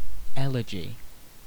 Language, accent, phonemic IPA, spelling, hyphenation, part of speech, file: English, UK, /ˈɛlɪd͡ʒi/, elegy, el‧e‧gy, noun, En-uk-elegy.ogg
- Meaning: 1. A mournful or plaintive poem; a funeral song; a poem of lamentation 2. A composition of mournful character 3. A classical poem written in elegiac meter